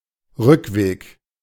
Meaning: way back
- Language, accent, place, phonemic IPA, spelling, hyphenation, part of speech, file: German, Germany, Berlin, /ˈʁʏkˌveːk/, Rückweg, Rück‧weg, noun, De-Rückweg.ogg